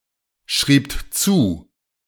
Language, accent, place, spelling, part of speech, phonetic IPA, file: German, Germany, Berlin, schriebt zu, verb, [ˌʃʁiːpt ˈt͡suː], De-schriebt zu.ogg
- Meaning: second-person plural preterite of zuschreiben